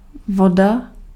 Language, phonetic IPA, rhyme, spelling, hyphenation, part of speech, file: Czech, [ˈvoda], -oda, voda, vo‧da, noun, Cs-voda.ogg
- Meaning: water